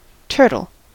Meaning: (noun) Any land, aquatic, or semi-aquatic reptile of the order Testudines, characterised by a protective shell enclosing its body. See also tortoise
- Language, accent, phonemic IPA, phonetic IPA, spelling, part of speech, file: English, US, /ˈtɝtl̩/, [ˈtʰɝɾɫ̩], turtle, noun / verb, En-us-turtle.ogg